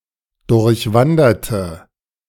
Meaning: inflection of durchwandern: 1. first/third-person singular preterite 2. first/third-person singular subjunctive II
- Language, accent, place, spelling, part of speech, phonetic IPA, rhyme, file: German, Germany, Berlin, durchwanderte, adjective / verb, [dʊʁçˈvandɐtə], -andɐtə, De-durchwanderte.ogg